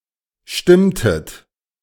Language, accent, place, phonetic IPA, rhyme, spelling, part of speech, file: German, Germany, Berlin, [ˈʃtɪmtət], -ɪmtət, stimmtet, verb, De-stimmtet.ogg
- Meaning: inflection of stimmen: 1. second-person plural preterite 2. second-person plural subjunctive II